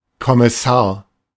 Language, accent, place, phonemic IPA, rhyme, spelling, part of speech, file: German, Germany, Berlin, /kɔmɪˈsaːɐ̯/, -aːɐ̯, Kommissar, noun, De-Kommissar.ogg
- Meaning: 1. commissioner 2. title of a police officer at the beginning of the upper service